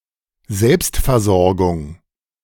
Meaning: self-sufficiency
- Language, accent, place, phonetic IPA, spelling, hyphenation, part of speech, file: German, Germany, Berlin, [ˈzɛlpstfɛɐ̯ˌzɔʁɡʊŋ], Selbstversorgung, Selbst‧ver‧sor‧gung, noun, De-Selbstversorgung.ogg